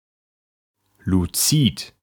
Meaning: 1. lucid 2. translucent
- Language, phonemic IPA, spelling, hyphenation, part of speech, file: German, /luˈt͡siːt/, luzid, lu‧zid, adjective, De-luzid.ogg